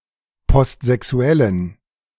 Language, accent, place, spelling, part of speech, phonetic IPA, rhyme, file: German, Germany, Berlin, postsexuellen, adjective, [pɔstzɛˈksu̯ɛlən], -ɛlən, De-postsexuellen.ogg
- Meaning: inflection of postsexuell: 1. strong genitive masculine/neuter singular 2. weak/mixed genitive/dative all-gender singular 3. strong/weak/mixed accusative masculine singular 4. strong dative plural